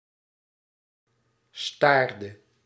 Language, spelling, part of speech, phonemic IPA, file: Dutch, staarde, verb, /ˈstardə/, Nl-staarde.ogg
- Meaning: inflection of staren: 1. singular past indicative 2. singular past subjunctive